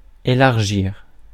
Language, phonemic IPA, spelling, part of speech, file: French, /e.laʁ.ʒiʁ/, élargir, verb, Fr-élargir.ogg
- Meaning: to enlarge, to make larger